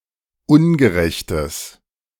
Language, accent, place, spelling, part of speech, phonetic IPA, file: German, Germany, Berlin, ungerechtes, adjective, [ˈʊnɡəˌʁɛçtəs], De-ungerechtes.ogg
- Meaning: strong/mixed nominative/accusative neuter singular of ungerecht